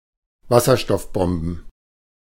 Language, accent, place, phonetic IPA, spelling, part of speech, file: German, Germany, Berlin, [ˈvasɐʃtɔfˌbɔmbn̩], Wasserstoffbomben, noun, De-Wasserstoffbomben.ogg
- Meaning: plural of Wasserstoffbombe